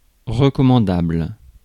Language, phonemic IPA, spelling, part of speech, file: French, /ʁə.kɔ.mɑ̃.dabl/, recommandable, adjective, Fr-recommandable.ogg
- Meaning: commendable, respectable, worthy